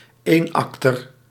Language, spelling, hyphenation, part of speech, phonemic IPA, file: Dutch, eenakter, een‧ak‧ter, noun, /ˈeːˌɑk.tər/, Nl-eenakter.ogg
- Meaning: one-act play